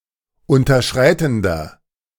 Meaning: inflection of unterschreitend: 1. strong/mixed nominative masculine singular 2. strong genitive/dative feminine singular 3. strong genitive plural
- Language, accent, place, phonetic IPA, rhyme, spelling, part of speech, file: German, Germany, Berlin, [ˌʊntɐˈʃʁaɪ̯tn̩dɐ], -aɪ̯tn̩dɐ, unterschreitender, adjective, De-unterschreitender.ogg